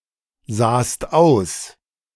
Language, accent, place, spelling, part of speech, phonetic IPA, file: German, Germany, Berlin, sahst aus, verb, [ˌzaːst ˈaʊ̯s], De-sahst aus.ogg
- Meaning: second-person singular preterite of aussehen